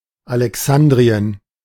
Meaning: alternative form of Alexandria
- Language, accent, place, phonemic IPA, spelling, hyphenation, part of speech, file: German, Germany, Berlin, /alɛˈksandʁiən/, Alexandrien, Ale‧x‧an‧d‧ri‧en, proper noun, De-Alexandrien.ogg